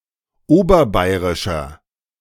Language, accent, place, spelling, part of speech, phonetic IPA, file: German, Germany, Berlin, oberbayerischer, adjective, [ˈoːbɐˌbaɪ̯ʁɪʃɐ], De-oberbayerischer.ogg
- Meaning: inflection of oberbayerisch: 1. strong/mixed nominative masculine singular 2. strong genitive/dative feminine singular 3. strong genitive plural